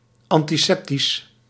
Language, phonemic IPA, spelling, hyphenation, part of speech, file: Dutch, /ˌɑn.tiˈsɛp.tis/, antiseptisch, an‧ti‧sep‧tisch, adjective, Nl-antiseptisch.ogg
- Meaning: antiseptic